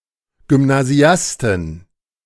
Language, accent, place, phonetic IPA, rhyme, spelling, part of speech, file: German, Germany, Berlin, [ɡʏmnaˈzi̯astn̩], -astn̩, Gymnasiasten, noun, De-Gymnasiasten.ogg
- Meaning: 1. genitive singular of Gymnasiast 2. plural of Gymnasiast